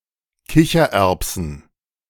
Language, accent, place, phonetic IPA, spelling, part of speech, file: German, Germany, Berlin, [ˈkɪçɐˌʔɛʁpsn̩], Kichererbsen, noun, De-Kichererbsen.ogg
- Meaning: plural of Kichererbse